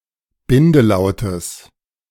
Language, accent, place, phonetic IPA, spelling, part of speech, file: German, Germany, Berlin, [ˈbɪndəˌlaʊ̯təs], Bindelautes, noun, De-Bindelautes.ogg
- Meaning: genitive singular of Bindelaut